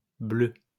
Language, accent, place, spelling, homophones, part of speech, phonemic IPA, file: French, France, Lyon, bleues, bleu / bleue / bleus, adjective, /blø/, LL-Q150 (fra)-bleues.wav
- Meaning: feminine plural of bleu